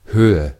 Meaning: height, altitude
- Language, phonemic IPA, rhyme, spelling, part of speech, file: German, /ˈhøːə/, -øːə, Höhe, noun, De-Höhe.ogg